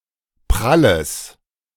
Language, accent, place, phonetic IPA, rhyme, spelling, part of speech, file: German, Germany, Berlin, [ˈpʁaləs], -aləs, pralles, adjective, De-pralles.ogg
- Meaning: strong/mixed nominative/accusative neuter singular of prall